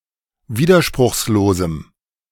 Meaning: strong dative masculine/neuter singular of widerspruchslos
- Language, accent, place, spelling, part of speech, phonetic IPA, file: German, Germany, Berlin, widerspruchslosem, adjective, [ˈviːdɐʃpʁʊxsloːzm̩], De-widerspruchslosem.ogg